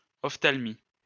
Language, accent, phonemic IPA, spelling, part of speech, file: French, France, /ɔf.tal.mi/, ophtalmie, noun, LL-Q150 (fra)-ophtalmie.wav
- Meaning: ophthalmia